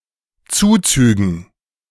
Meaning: dative plural of Zuzug
- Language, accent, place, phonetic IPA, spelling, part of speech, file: German, Germany, Berlin, [ˈt͡suːt͡syːɡn̩], Zuzügen, noun, De-Zuzügen.ogg